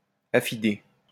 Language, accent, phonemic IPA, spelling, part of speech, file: French, France, /a.fi.de/, affidé, adjective, LL-Q150 (fra)-affidé.wav
- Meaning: trustworthy